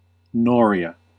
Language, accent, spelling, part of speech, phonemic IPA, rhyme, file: English, US, noria, noun, /ˈnɔɹ.i.ə/, -ɔːɹiə, En-us-noria.ogg
- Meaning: 1. A treadwheel with attached buckets, used to raise and deposit water 2. Any mechanism using buckets to raise water to an aqueduct